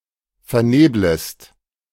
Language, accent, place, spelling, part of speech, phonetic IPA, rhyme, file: German, Germany, Berlin, verneblest, verb, [fɛɐ̯ˈneːbləst], -eːbləst, De-verneblest.ogg
- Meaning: second-person singular subjunctive I of vernebeln